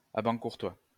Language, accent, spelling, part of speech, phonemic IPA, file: French, France, abancourtois, adjective, /a.bɑ̃.kuʁ.twa/, LL-Q150 (fra)-abancourtois.wav
- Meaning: of Abancourt